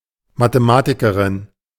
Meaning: mathematician (female)
- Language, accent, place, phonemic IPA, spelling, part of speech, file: German, Germany, Berlin, /matəˈmaːtikɐʁɪn/, Mathematikerin, noun, De-Mathematikerin.ogg